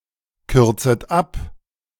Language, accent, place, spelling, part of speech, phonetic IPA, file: German, Germany, Berlin, kürzet ab, verb, [ˌkʏʁt͡sət ˈap], De-kürzet ab.ogg
- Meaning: second-person plural subjunctive I of abkürzen